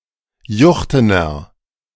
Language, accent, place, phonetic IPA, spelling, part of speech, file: German, Germany, Berlin, [ˈjʊxtənɐ], juchtener, adjective, De-juchtener.ogg
- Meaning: inflection of juchten: 1. strong/mixed nominative masculine singular 2. strong genitive/dative feminine singular 3. strong genitive plural